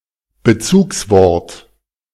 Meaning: antecedent
- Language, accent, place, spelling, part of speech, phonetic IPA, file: German, Germany, Berlin, Bezugswort, noun, [bəˈt͡suːksˌvɔʁt], De-Bezugswort.ogg